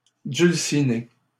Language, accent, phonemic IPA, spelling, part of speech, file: French, Canada, /dyl.si.ne/, dulcinées, noun, LL-Q150 (fra)-dulcinées.wav
- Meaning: plural of dulcinée